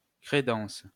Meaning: sideboard, credenza
- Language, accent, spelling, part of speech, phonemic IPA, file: French, France, crédence, noun, /kʁe.dɑ̃s/, LL-Q150 (fra)-crédence.wav